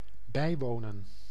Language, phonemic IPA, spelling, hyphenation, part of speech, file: Dutch, /ˈbɛi̯ʋoːnə(n)/, bijwonen, bij‧wo‧nen, verb, Nl-bijwonen.ogg
- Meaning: to attend, to be present at